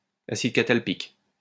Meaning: catalpic acid
- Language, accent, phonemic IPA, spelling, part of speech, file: French, France, /a.sid ka.tal.pik/, acide catalpique, noun, LL-Q150 (fra)-acide catalpique.wav